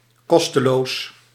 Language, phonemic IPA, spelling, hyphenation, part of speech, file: Dutch, /ˈkɔs.təˌloːs/, kosteloos, kos‧te‧loos, adjective, Nl-kosteloos.ogg
- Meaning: free, without charge